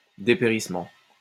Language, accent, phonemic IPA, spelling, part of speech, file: French, France, /de.pe.ʁis.mɑ̃/, dépérissement, noun, LL-Q150 (fra)-dépérissement.wav
- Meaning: 1. decline 2. wasting (away), withering